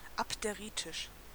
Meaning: abderitic
- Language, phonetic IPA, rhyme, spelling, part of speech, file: German, [apdeˈʁiːtɪʃ], -iːtɪʃ, abderitisch, adjective, De-abderitisch.ogg